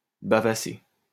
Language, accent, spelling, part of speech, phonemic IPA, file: French, France, bavasser, verb, /ba.va.se/, LL-Q150 (fra)-bavasser.wav
- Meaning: to waffle, natter